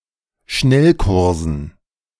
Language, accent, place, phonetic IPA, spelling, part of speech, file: German, Germany, Berlin, [ˈʃnɛlˌkʊʁzn̩], Schnellkursen, noun, De-Schnellkursen.ogg
- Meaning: dative plural of Schnellkurs